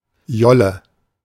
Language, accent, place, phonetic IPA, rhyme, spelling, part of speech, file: German, Germany, Berlin, [ˈjɔlə], -ɔlə, Jolle, noun, De-Jolle.ogg
- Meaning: dinghy (small boat)